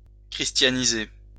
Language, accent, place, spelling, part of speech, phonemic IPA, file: French, France, Lyon, christianiser, verb, /kʁis.tja.ni.ze/, LL-Q150 (fra)-christianiser.wav
- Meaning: to Christianize (to convert to Christianity)